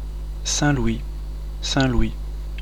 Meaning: Saint Louis, various locations
- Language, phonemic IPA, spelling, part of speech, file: French, /sɛ̃.lwi/, Saint-Louis, proper noun, Fr-Saint-Louis.oga